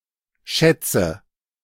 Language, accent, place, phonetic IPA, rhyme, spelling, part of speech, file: German, Germany, Berlin, [ˈʃɛt͡sə], -ɛt͡sə, schätze, verb, De-schätze.ogg
- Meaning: inflection of schätzen: 1. first-person singular present 2. first/third-person singular subjunctive I 3. singular imperative